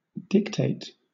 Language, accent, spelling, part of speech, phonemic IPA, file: English, Southern England, dictate, noun, /ˈdɪkˌteɪt/, LL-Q1860 (eng)-dictate.wav
- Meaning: An order or command